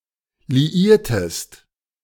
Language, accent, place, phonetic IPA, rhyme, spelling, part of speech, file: German, Germany, Berlin, [liˈiːɐ̯təst], -iːɐ̯təst, liiertest, verb, De-liiertest.ogg
- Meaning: inflection of liieren: 1. second-person singular preterite 2. second-person singular subjunctive II